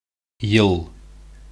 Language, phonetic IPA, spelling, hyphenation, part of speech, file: Bashkir, [jɯ̞ɫ], йыл, йыл, noun, Ba-йыл.ogg
- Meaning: year